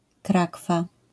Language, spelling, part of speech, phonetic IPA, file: Polish, krakwa, noun, [ˈkrakfa], LL-Q809 (pol)-krakwa.wav